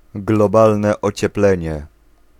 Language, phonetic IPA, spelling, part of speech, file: Polish, [ɡlɔˈbalnɛ ˌɔt͡ɕɛˈplɛ̃ɲɛ], globalne ocieplenie, noun, Pl-globalne ocieplenie.ogg